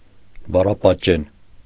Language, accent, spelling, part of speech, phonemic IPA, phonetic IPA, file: Armenian, Eastern Armenian, բառապատճեն, noun, /bɑrɑpɑtˈt͡ʃen/, [bɑrɑpɑt̚t͡ʃén], Hy-բառապատճեն.ogg
- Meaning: calque